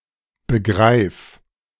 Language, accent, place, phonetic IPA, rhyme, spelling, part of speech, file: German, Germany, Berlin, [bəˈɡʁaɪ̯f], -aɪ̯f, begreif, verb, De-begreif.ogg
- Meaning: singular imperative of begreifen